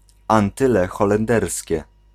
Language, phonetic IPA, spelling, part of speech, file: Polish, [ãnˈtɨlɛ ˌxɔlɛ̃nˈdɛrsʲcɛ], Antyle Holenderskie, proper noun, Pl-Antyle Holenderskie.ogg